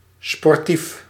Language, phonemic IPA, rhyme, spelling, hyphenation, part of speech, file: Dutch, /spɔrˈtif/, -if, sportief, spor‧tief, adjective, Nl-sportief.ogg
- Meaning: 1. sporty, pertaining or partial to sports 2. sportsmanlike, fair